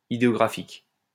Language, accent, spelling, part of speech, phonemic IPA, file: French, France, idéographique, adjective, /i.de.ɔ.ɡʁa.fik/, LL-Q150 (fra)-idéographique.wav
- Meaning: ideographic